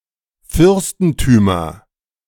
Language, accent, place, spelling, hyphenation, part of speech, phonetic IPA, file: German, Germany, Berlin, Fürstentümer, Fürs‧ten‧tü‧mer, noun, [ˈfʏʁstn̩ˌtyːmɐ], De-Fürstentümer.ogg
- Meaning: nominative/accusative/genitive plural of Fürstentum